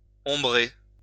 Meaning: to shade (put into the shade)
- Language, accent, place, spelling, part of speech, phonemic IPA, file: French, France, Lyon, ombrer, verb, /ɔ̃.bʁe/, LL-Q150 (fra)-ombrer.wav